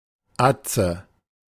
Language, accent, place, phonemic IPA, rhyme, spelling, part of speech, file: German, Germany, Berlin, /ˈat͡sə/, -atsə, Atze, proper noun / noun, De-Atze.ogg
- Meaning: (proper noun) a male given name; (noun) 1. big brother 2. mate, buddy, dog 3. chav